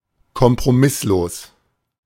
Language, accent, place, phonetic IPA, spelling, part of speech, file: German, Germany, Berlin, [kɔmpʁoˈmɪsloːs], kompromisslos, adjective, De-kompromisslos.ogg
- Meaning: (adjective) uncompromising, intransigent; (adverb) uncompromisingly